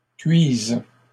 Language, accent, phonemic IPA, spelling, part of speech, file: French, Canada, /kɥiz/, cuisent, verb, LL-Q150 (fra)-cuisent.wav
- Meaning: third-person plural present indicative/subjunctive of cuire